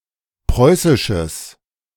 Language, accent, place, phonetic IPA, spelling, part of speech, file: German, Germany, Berlin, [ˈpʁɔɪ̯sɪʃəs], preußisches, adjective, De-preußisches.ogg
- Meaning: strong/mixed nominative/accusative neuter singular of preußisch